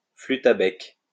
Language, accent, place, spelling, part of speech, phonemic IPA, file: French, France, Lyon, flûte à bec, noun, /fly.t‿a bɛk/, LL-Q150 (fra)-flûte à bec.wav
- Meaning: recorder (musical instrument)